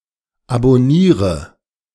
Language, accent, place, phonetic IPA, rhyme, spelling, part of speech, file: German, Germany, Berlin, [abɔˈniːʁə], -iːʁə, abonniere, verb, De-abonniere.ogg
- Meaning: inflection of abonnieren: 1. first-person singular present 2. singular imperative 3. first/third-person singular subjunctive I